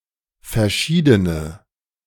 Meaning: inflection of verschieden: 1. strong/mixed nominative/accusative feminine singular 2. strong nominative/accusative plural 3. weak nominative all-gender singular
- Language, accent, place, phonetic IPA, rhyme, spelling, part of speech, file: German, Germany, Berlin, [fɛɐ̯ˈʃiːdənə], -iːdənə, verschiedene, adjective, De-verschiedene.ogg